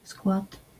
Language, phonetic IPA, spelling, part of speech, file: Polish, [skwat], skład, noun, LL-Q809 (pol)-skład.wav